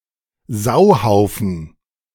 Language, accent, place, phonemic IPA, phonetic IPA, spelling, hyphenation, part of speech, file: German, Germany, Berlin, /ˈsaʊ̯ˌhaʊ̯fn̩/, [ˈzaʊ̯ˌhaʊ̯fn̩], Sauhaufen, Sau‧hau‧fen, noun, De-Sauhaufen.ogg
- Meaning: 1. a mess 2. a shower (a group of people perceived as incompetent or worthless)